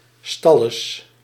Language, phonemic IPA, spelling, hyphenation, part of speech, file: Dutch, /ˈstɑ.ləs/, stalles, stal‧les, noun, Nl-stalles.ogg
- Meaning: the stalls in a theatre